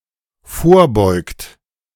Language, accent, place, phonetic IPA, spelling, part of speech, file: German, Germany, Berlin, [ˈfoːɐ̯ˌbɔɪ̯kt], vorbeugt, verb, De-vorbeugt.ogg
- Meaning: past participle of vorbeugen